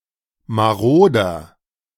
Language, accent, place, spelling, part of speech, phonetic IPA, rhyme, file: German, Germany, Berlin, maroder, adjective, [maˈʁoːdɐ], -oːdɐ, De-maroder.ogg
- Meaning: 1. comparative degree of marode 2. inflection of marode: strong/mixed nominative masculine singular 3. inflection of marode: strong genitive/dative feminine singular